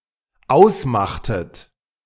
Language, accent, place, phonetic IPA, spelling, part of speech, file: German, Germany, Berlin, [ˈaʊ̯sˌmaxtət], ausmachtet, verb, De-ausmachtet.ogg
- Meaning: inflection of ausmachen: 1. second-person plural dependent preterite 2. second-person plural dependent subjunctive II